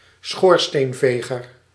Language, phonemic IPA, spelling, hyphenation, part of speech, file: Dutch, /ˈsxoːr.steːnˌveː.ɣər/, schoorsteenveger, schoor‧steen‧ve‧ger, noun, Nl-schoorsteenveger.ogg
- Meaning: chimney sweep